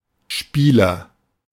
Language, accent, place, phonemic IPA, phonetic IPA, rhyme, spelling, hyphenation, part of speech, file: German, Germany, Berlin, /ˈʃpiːlɐ/, [ˈʃpʰiːlɐ], -iːlɐ, Spieler, Spie‧ler, noun, De-Spieler.ogg
- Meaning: agent noun of spielen; player